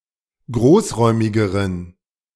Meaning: inflection of großräumig: 1. strong genitive masculine/neuter singular comparative degree 2. weak/mixed genitive/dative all-gender singular comparative degree
- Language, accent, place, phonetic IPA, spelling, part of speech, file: German, Germany, Berlin, [ˈɡʁoːsˌʁɔɪ̯mɪɡəʁən], großräumigeren, adjective, De-großräumigeren.ogg